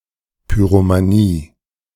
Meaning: pyromania
- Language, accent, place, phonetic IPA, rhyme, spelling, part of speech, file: German, Germany, Berlin, [ˌpyʁomaˈniː], -iː, Pyromanie, noun, De-Pyromanie.ogg